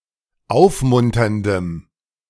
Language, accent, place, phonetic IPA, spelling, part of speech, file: German, Germany, Berlin, [ˈaʊ̯fˌmʊntɐndəm], aufmunterndem, adjective, De-aufmunterndem.ogg
- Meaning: strong dative masculine/neuter singular of aufmunternd